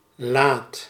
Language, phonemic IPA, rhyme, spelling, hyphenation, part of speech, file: Dutch, /laːt/, -aːt, laat, laat, adjective / noun / verb, Nl-laat.ogg
- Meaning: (adjective) 1. late (not early) 2. tardy; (noun) serf; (verb) inflection of laten: 1. first/second/third-person singular present indicative 2. imperative